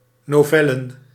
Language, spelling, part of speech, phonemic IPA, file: Dutch, novellen, noun, /noˈvɛlə(n)/, Nl-novellen.ogg
- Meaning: plural of novelle